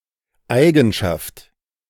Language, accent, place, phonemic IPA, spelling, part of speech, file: German, Germany, Berlin, /ˈʔaɪ̯ɡn̩ʃaft/, Eigenschaft, noun, De-Eigenschaft.ogg
- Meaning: feature, property, characteristic; quality